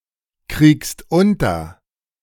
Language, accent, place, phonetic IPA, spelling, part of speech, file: German, Germany, Berlin, [ˌkʁiːkst ˈʊntɐ], kriegst unter, verb, De-kriegst unter.ogg
- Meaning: second-person singular present of unterkriegen